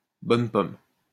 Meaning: synonym of bonne poire (“a sucker, a naive person”)
- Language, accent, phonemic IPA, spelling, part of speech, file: French, France, /bɔn pɔm/, bonne pomme, noun, LL-Q150 (fra)-bonne pomme.wav